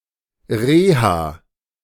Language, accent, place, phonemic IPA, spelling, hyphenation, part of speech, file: German, Germany, Berlin, /ˈʁeːha/, Reha, Re‧ha, noun, De-Reha.ogg
- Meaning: 1. rehab (rehabilitation) 2. rehab (institution)